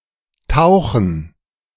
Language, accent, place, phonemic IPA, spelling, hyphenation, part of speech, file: German, Germany, Berlin, /ˈtaʊ̯xən/, tauchen, tau‧chen, verb, De-tauchen.ogg
- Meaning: 1. to dive 2. to immerse, to bathe, to submerge